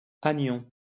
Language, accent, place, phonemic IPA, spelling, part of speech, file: French, France, Lyon, /a.njɔ̃/, anion, noun, LL-Q150 (fra)-anion.wav
- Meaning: anion